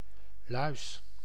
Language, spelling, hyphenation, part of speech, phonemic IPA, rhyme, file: Dutch, luis, luis, noun / verb, /lœy̯s/, -œy̯s, Nl-luis.ogg
- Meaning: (noun) louse, used of various insects commonly considered pests: 1. member of the Aphidoidea 2. member of the Psocodea; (verb) inflection of luizen: first-person singular present indicative